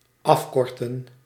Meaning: 1. to shorten 2. to abbreviate 3. to abridge
- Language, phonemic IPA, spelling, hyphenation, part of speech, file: Dutch, /ˈɑfkɔrtə(n)/, afkorten, af‧kor‧ten, verb, Nl-afkorten.ogg